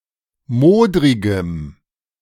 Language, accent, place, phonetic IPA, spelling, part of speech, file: German, Germany, Berlin, [ˈmoːdʁɪɡəm], modrigem, adjective, De-modrigem.ogg
- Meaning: strong dative masculine/neuter singular of modrig